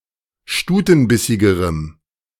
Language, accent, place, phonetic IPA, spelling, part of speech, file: German, Germany, Berlin, [ˈʃtuːtn̩ˌbɪsɪɡəʁəm], stutenbissigerem, adjective, De-stutenbissigerem.ogg
- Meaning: strong dative masculine/neuter singular comparative degree of stutenbissig